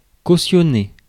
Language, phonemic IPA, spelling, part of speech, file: French, /ko.sjɔ.ne/, cautionner, verb, Fr-cautionner.ogg
- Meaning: 1. to post bail 2. to support, condone, underwrite, endorse